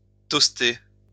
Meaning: 1. to toast (grill bread to make toast) 2. to toast (drink to something)
- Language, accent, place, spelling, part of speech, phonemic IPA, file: French, France, Lyon, toaster, verb, /tɔs.te/, LL-Q150 (fra)-toaster.wav